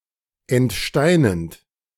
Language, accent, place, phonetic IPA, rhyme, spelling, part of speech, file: German, Germany, Berlin, [ɛntˈʃtaɪ̯nənt], -aɪ̯nənt, entsteinend, verb, De-entsteinend.ogg
- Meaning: present participle of entsteinen